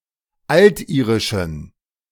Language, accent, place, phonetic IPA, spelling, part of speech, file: German, Germany, Berlin, [ˈaltˌʔiːʁɪʃn̩], altirischen, adjective, De-altirischen.ogg
- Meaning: inflection of altirisch: 1. strong genitive masculine/neuter singular 2. weak/mixed genitive/dative all-gender singular 3. strong/weak/mixed accusative masculine singular 4. strong dative plural